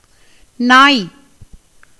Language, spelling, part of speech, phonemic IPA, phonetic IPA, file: Tamil, நாய், noun / interjection, /nɑːj/, [näːj], Ta-நாய்.ogg
- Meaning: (noun) dog; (interjection) an expression of derision, contempt or scorn